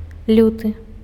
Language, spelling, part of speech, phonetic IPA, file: Belarusian, люты, adjective / noun, [ˈlʲutɨ], Be-люты.ogg
- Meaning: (adjective) fierce, cruel, grim; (noun) February